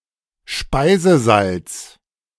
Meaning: table salt
- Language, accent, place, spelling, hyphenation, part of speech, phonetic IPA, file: German, Germany, Berlin, Speisesalz, Spei‧se‧salz, noun, [ˈʃpaɪ̯zəˌzalt͡s], De-Speisesalz.ogg